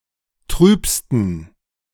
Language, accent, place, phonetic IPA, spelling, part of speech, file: German, Germany, Berlin, [ˈtʁyːpstn̩], trübsten, adjective, De-trübsten.ogg
- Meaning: 1. superlative degree of trüb 2. inflection of trüb: strong genitive masculine/neuter singular superlative degree